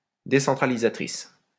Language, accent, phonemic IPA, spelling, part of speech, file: French, France, /de.sɑ̃.tʁa.li.za.tʁis/, décentralisatrice, adjective, LL-Q150 (fra)-décentralisatrice.wav
- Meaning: feminine singular of décentralisateur